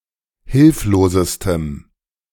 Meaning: strong dative masculine/neuter singular superlative degree of hilflos
- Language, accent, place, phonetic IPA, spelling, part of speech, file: German, Germany, Berlin, [ˈhɪlfloːzəstəm], hilflosestem, adjective, De-hilflosestem.ogg